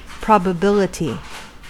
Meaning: 1. The state of being probable 2. An event that is likely to occur 3. The relative likelihood of an event happening
- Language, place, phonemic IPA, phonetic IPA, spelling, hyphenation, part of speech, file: English, California, /ˌpɹɑ.bəˈbɪl.ə.ti/, [ˌpɹɑ.bəˈbɪl.ə.ɾi], probability, prob‧a‧bil‧i‧ty, noun, En-us-probability.ogg